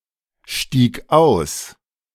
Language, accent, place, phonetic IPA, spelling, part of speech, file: German, Germany, Berlin, [ˌʃtiːk ˈaʊ̯s], stieg aus, verb, De-stieg aus.ogg
- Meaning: first/third-person singular preterite of aussteigen